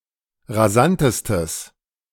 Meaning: strong/mixed nominative/accusative neuter singular superlative degree of rasant
- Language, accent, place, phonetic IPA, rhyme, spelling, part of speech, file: German, Germany, Berlin, [ʁaˈzantəstəs], -antəstəs, rasantestes, adjective, De-rasantestes.ogg